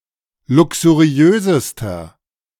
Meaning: inflection of luxuriös: 1. strong/mixed nominative masculine singular superlative degree 2. strong genitive/dative feminine singular superlative degree 3. strong genitive plural superlative degree
- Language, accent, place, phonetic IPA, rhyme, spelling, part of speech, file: German, Germany, Berlin, [ˌlʊksuˈʁi̯øːzəstɐ], -øːzəstɐ, luxuriösester, adjective, De-luxuriösester.ogg